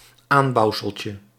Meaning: diminutive of aanbouwsel
- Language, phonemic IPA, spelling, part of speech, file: Dutch, /ˈambɑuwsəlcə/, aanbouwseltje, noun, Nl-aanbouwseltje.ogg